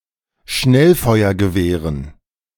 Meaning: dative plural of Schnellfeuergewehr
- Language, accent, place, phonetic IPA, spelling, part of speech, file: German, Germany, Berlin, [ˈʃnɛlfɔɪ̯ɐɡəˌveːʁən], Schnellfeuergewehren, noun, De-Schnellfeuergewehren.ogg